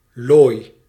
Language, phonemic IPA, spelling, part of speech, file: Dutch, /loj/, looi, noun / verb, Nl-looi.ogg
- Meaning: inflection of looien: 1. first-person singular present indicative 2. second-person singular present indicative 3. imperative